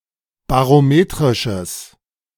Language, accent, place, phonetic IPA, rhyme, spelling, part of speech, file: German, Germany, Berlin, [baʁoˈmeːtʁɪʃəs], -eːtʁɪʃəs, barometrisches, adjective, De-barometrisches.ogg
- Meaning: strong/mixed nominative/accusative neuter singular of barometrisch